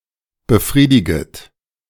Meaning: second-person plural subjunctive I of befriedigen
- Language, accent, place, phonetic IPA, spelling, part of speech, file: German, Germany, Berlin, [bəˈfʁiːdɪɡət], befriediget, verb, De-befriediget.ogg